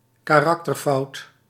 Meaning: character flaw
- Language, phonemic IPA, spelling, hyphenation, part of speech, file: Dutch, /kaːˈrɑk.tərˌfɑu̯t/, karakterfout, ka‧rak‧ter‧fout, noun, Nl-karakterfout.ogg